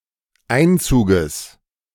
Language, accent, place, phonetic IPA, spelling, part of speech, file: German, Germany, Berlin, [ˈaɪ̯nˌt͡suːɡəs], Einzuges, noun, De-Einzuges.ogg
- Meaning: genitive singular of Einzug